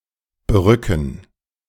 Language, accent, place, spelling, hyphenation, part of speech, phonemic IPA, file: German, Germany, Berlin, berücken, be‧rü‧cken, verb, /bəˈʁʏkn̩/, De-berücken.ogg
- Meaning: 1. to ensnare 2. to captivate